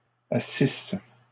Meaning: third-person plural imperfect subjunctive of asseoir
- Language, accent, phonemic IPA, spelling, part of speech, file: French, Canada, /a.sis/, assissent, verb, LL-Q150 (fra)-assissent.wav